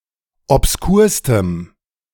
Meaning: strong dative masculine/neuter singular superlative degree of obskur
- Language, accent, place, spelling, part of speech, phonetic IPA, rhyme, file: German, Germany, Berlin, obskurstem, adjective, [ɔpsˈkuːɐ̯stəm], -uːɐ̯stəm, De-obskurstem.ogg